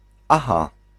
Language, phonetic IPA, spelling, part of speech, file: Polish, [ˈaxa], aha, interjection / noun, Pl-aha.ogg